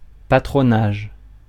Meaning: Patronage
- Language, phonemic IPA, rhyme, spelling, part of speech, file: French, /pa.tʁɔ.naʒ/, -aʒ, patronage, noun, Fr-patronage.ogg